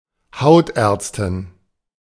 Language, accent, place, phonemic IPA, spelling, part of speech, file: German, Germany, Berlin, /ˈhaʊ̯tˌɛʁtstɪn/, Hautärztin, noun, De-Hautärztin.ogg
- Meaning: dermatologist (female) (one who is skilled, professes or practices dermatology)